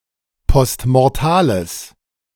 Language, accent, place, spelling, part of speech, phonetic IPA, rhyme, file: German, Germany, Berlin, postmortales, adjective, [pɔstmɔʁˈtaːləs], -aːləs, De-postmortales.ogg
- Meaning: strong/mixed nominative/accusative neuter singular of postmortal